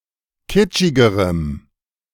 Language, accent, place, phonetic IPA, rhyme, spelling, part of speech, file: German, Germany, Berlin, [ˈkɪt͡ʃɪɡəʁəm], -ɪt͡ʃɪɡəʁəm, kitschigerem, adjective, De-kitschigerem.ogg
- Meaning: strong dative masculine/neuter singular comparative degree of kitschig